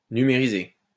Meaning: 1. to digitize 2. to scan
- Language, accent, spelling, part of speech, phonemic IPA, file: French, France, numériser, verb, /ny.me.ʁi.ze/, LL-Q150 (fra)-numériser.wav